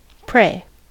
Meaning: 1. To direct words, thoughts, or one's attention to a deity or any higher being, for the sake of adoration, thanks, petition for help, etc 2. To humbly beg a person for aid or their time
- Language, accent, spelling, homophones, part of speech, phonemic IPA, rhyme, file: English, US, pray, prey, verb, /pɹeɪ/, -eɪ, En-us-pray.ogg